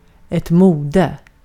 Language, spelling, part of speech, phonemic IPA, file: Swedish, mode, noun, /²muːdɛ/, Sv-mode.ogg
- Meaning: fashion, a fashion trend